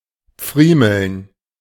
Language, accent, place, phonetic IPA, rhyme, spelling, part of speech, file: German, Germany, Berlin, [ˈp͡fʁiːml̩n], -iːml̩n, pfriemeln, verb, De-pfriemeln.ogg
- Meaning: alternative form of friemeln